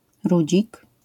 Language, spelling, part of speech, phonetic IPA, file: Polish, rudzik, noun, [ˈrud͡ʑik], LL-Q809 (pol)-rudzik.wav